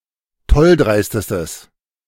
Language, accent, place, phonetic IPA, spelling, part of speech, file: German, Germany, Berlin, [ˈtɔlˌdʁaɪ̯stəstəs], tolldreistestes, adjective, De-tolldreistestes.ogg
- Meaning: strong/mixed nominative/accusative neuter singular superlative degree of tolldreist